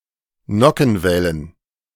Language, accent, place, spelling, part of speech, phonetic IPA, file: German, Germany, Berlin, Nockenwellen, noun, [ˈnɔkn̩ˌvɛlən], De-Nockenwellen.ogg
- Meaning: plural of Nockenwelle